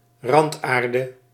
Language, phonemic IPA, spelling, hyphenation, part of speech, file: Dutch, /ˈrɑntˌaːr.də/, randaarde, rand‧aar‧de, noun, Nl-randaarde.ogg
- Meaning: earth (UK)/ground (America) on a Schuko type electrical socket, with earth clips on the edge (common ground for sockets in the Netherlands)